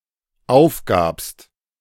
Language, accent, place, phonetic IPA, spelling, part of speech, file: German, Germany, Berlin, [ˈaʊ̯fˌɡaːpst], aufgabst, verb, De-aufgabst.ogg
- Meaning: second-person singular dependent preterite of aufgeben